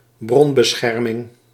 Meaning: source protection, source confidentiality
- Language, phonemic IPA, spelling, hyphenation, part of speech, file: Dutch, /ˈbrɔn.bəˌsxɛr.mɪŋ/, bronbescherming, bron‧be‧scher‧ming, noun, Nl-bronbescherming.ogg